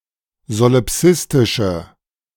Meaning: inflection of solipsistisch: 1. strong/mixed nominative/accusative feminine singular 2. strong nominative/accusative plural 3. weak nominative all-gender singular
- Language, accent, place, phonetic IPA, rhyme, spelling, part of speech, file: German, Germany, Berlin, [zolɪˈpsɪstɪʃə], -ɪstɪʃə, solipsistische, adjective, De-solipsistische.ogg